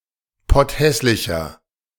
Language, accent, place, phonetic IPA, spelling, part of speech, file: German, Germany, Berlin, [ˈpɔtˌhɛslɪçɐ], potthässlicher, adjective, De-potthässlicher.ogg
- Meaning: inflection of potthässlich: 1. strong/mixed nominative masculine singular 2. strong genitive/dative feminine singular 3. strong genitive plural